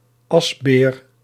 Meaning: person who was employed to empty latrines and remove refuse at night
- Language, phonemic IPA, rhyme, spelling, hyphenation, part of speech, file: Dutch, /ˈɑs.beːr/, -ɑsbeːr, asbeer, as‧beer, noun, Nl-asbeer.ogg